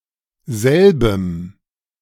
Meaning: strong dative masculine/neuter singular of selber
- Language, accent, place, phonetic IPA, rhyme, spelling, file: German, Germany, Berlin, [ˈzɛlbəm], -ɛlbəm, selbem, De-selbem.ogg